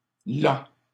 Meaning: that; always used with ce
- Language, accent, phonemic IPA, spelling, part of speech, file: French, Canada, /la/, -là, particle, LL-Q150 (fra)--là.wav